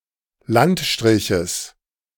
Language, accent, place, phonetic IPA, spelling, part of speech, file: German, Germany, Berlin, [ˈlantˌʃtʁɪçəs], Landstriches, noun, De-Landstriches.ogg
- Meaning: genitive singular of Landstrich